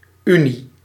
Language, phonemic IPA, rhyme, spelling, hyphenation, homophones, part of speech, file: Dutch, /ˈy.ni/, -yni, unie, unie, uni, noun, Nl-unie.ogg
- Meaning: union